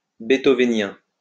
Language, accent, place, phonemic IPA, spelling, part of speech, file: French, France, Lyon, /be.tɔ.ve.njɛ̃/, beethovénien, adjective, LL-Q150 (fra)-beethovénien.wav
- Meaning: Beethovenian